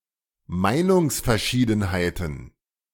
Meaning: plural of Meinungsverschiedenheit
- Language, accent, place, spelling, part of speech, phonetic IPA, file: German, Germany, Berlin, Meinungsverschiedenheiten, noun, [ˈmaɪ̯nʊŋsfɛɐ̯ˌʃiːdn̩haɪ̯tn̩], De-Meinungsverschiedenheiten.ogg